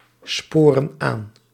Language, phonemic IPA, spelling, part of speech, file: Dutch, /ˈsporə(n) ˈan/, sporen aan, verb, Nl-sporen aan.ogg
- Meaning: inflection of aansporen: 1. plural present indicative 2. plural present subjunctive